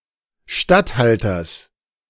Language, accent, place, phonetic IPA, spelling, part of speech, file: German, Germany, Berlin, [ˈʃtatˌhaltɐs], Statthalters, noun, De-Statthalters.ogg
- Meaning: genitive of Statthalter